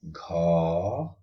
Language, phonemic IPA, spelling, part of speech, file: Odia, /ɡʱɔ/, ଘ, character, Or-ଘ.oga
- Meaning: The sixteenth character in the Odia abugida